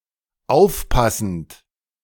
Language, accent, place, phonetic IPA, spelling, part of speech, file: German, Germany, Berlin, [ˈaʊ̯fˌpasn̩t], aufpassend, verb, De-aufpassend.ogg
- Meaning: present participle of aufpassen